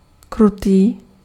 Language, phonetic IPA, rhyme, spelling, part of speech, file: Czech, [ˈkrutiː], -utiː, krutý, adjective, Cs-krutý.ogg
- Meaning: cruel